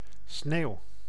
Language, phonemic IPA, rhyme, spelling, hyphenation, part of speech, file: Dutch, /sneːu̯/, -eːu̯, sneeuw, sneeuw, noun / verb, Nl-sneeuw.ogg
- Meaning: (noun) 1. snow (frozen precipitation) 2. snow, static, noise (on a display screen) 3. cocaine; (verb) inflection of sneeuwen: first-person singular present indicative